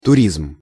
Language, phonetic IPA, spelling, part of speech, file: Russian, [tʊˈrʲizm], туризм, noun, Ru-туризм.ogg
- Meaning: tourism